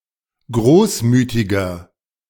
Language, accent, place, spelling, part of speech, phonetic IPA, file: German, Germany, Berlin, großmütiger, adjective, [ˈɡʁoːsˌmyːtɪɡɐ], De-großmütiger.ogg
- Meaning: 1. comparative degree of großmütig 2. inflection of großmütig: strong/mixed nominative masculine singular 3. inflection of großmütig: strong genitive/dative feminine singular